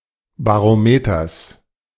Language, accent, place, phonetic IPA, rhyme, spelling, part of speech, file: German, Germany, Berlin, [baʁoˈmeːtɐs], -eːtɐs, Barometers, noun, De-Barometers.ogg
- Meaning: genitive singular of Barometer